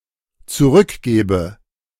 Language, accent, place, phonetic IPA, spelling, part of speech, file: German, Germany, Berlin, [t͡suˈʁʏkˌɡeːbə], zurückgebe, verb, De-zurückgebe.ogg
- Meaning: inflection of zurückgeben: 1. first-person singular dependent present 2. first/third-person singular dependent subjunctive I